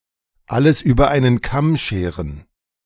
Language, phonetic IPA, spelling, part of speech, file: German, [ˈaləs yːbɐ aɪ̯nən ˈkam ˈʃeːʁən], alles über einen Kamm scheren, phrase, De-alles über einen Kamm scheren.ogg